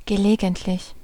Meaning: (adjective) occasional; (adverb) occasionally; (preposition) during, on the occasion of
- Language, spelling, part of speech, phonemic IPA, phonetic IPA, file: German, gelegentlich, adjective / adverb / preposition, /ɡəˈleːɡəntlɪç/, [ɡəˈleːɡn̩tlɪç], De-gelegentlich.ogg